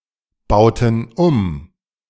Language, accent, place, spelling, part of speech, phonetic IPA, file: German, Germany, Berlin, bauten um, verb, [ˌbaʊ̯tn̩ ˈum], De-bauten um.ogg
- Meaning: inflection of umbauen: 1. first/third-person plural preterite 2. first/third-person plural subjunctive II